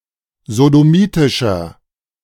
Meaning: inflection of sodomitisch: 1. strong/mixed nominative masculine singular 2. strong genitive/dative feminine singular 3. strong genitive plural
- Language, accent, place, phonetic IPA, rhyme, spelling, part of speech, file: German, Germany, Berlin, [zodoˈmiːtɪʃɐ], -iːtɪʃɐ, sodomitischer, adjective, De-sodomitischer.ogg